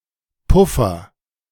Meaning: 1. cushion 2. buffer
- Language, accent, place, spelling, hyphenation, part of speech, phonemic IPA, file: German, Germany, Berlin, Puffer, Puf‧fer, noun, /ˈpʊfɐ/, De-Puffer.ogg